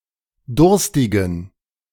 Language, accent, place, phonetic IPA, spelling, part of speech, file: German, Germany, Berlin, [ˈdʊʁstɪɡn̩], durstigen, adjective, De-durstigen.ogg
- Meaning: inflection of durstig: 1. strong genitive masculine/neuter singular 2. weak/mixed genitive/dative all-gender singular 3. strong/weak/mixed accusative masculine singular 4. strong dative plural